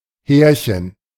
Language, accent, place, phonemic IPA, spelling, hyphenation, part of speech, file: German, Germany, Berlin, /ˈhɛːrçən/, Härchen, Här‧chen, noun, De-Härchen.ogg
- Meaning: diminutive of Haar